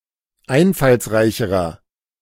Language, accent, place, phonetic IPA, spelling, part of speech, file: German, Germany, Berlin, [ˈaɪ̯nfalsˌʁaɪ̯çəʁɐ], einfallsreicherer, adjective, De-einfallsreicherer.ogg
- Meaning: inflection of einfallsreich: 1. strong/mixed nominative masculine singular comparative degree 2. strong genitive/dative feminine singular comparative degree